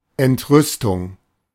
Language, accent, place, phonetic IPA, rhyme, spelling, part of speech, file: German, Germany, Berlin, [ɛntˈʁʏstʊŋ], -ʏstʊŋ, Entrüstung, noun, De-Entrüstung.ogg
- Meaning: indignation